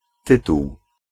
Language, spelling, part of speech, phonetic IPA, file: Polish, tytuł, noun, [ˈtɨtuw], Pl-tytuł.ogg